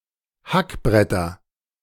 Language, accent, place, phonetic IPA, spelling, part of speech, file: German, Germany, Berlin, [ˈhakˌbʁɛtɐ], Hackbretter, noun, De-Hackbretter.ogg
- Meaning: nominative/accusative/genitive plural of Hackbrett